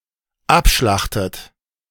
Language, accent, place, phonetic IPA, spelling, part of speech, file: German, Germany, Berlin, [ˈapˌʃlaxtət], abschlachtet, verb, De-abschlachtet.ogg
- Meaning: inflection of abschlachten: 1. third-person singular dependent present 2. second-person plural dependent present 3. second-person plural dependent subjunctive I